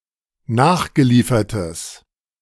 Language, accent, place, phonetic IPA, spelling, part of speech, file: German, Germany, Berlin, [ˈnaːxɡəˌliːfɐtəs], nachgeliefertes, adjective, De-nachgeliefertes.ogg
- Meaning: strong/mixed nominative/accusative neuter singular of nachgeliefert